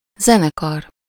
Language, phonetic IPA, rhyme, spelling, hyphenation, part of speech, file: Hungarian, [ˈzɛnɛkɒr], -ɒr, zenekar, ze‧ne‧kar, noun, Hu-zenekar.ogg
- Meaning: 1. orchestra 2. band (a group of musicians)